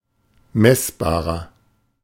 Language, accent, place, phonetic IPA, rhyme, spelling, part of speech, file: German, Germany, Berlin, [ˈmɛsbaːʁɐ], -ɛsbaːʁɐ, messbarer, adjective, De-messbarer.ogg
- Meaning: inflection of messbar: 1. strong/mixed nominative masculine singular 2. strong genitive/dative feminine singular 3. strong genitive plural